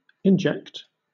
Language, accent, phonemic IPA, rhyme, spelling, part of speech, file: English, Southern England, /ɪnˈd͡ʒɛkt/, -ɛkt, inject, verb, LL-Q1860 (eng)-inject.wav
- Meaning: 1. To push or pump (something, especially fluids) into a cavity or passage 2. To introduce (something) suddenly or violently